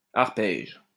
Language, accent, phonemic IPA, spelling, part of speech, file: French, France, /aʁ.pɛʒ/, arpège, noun / verb, LL-Q150 (fra)-arpège.wav
- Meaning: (noun) arpeggio; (verb) inflection of arpéger: 1. first/third-person singular present indicative/subjunctive 2. second-person singular imperative